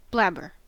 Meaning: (verb) 1. To blather; to talk foolishly or incoherently 2. To blab; to reveal a secret 3. To stick out one's tongue; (noun) A person who blabs; a tattler; a telltale
- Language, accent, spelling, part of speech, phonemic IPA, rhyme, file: English, US, blabber, verb / noun, /ˈblæb.ɚ/, -æbɚ, En-us-blabber.ogg